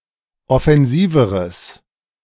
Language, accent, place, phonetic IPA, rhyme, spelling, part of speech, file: German, Germany, Berlin, [ɔfɛnˈziːvəʁəs], -iːvəʁəs, offensiveres, adjective, De-offensiveres.ogg
- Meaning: strong/mixed nominative/accusative neuter singular comparative degree of offensiv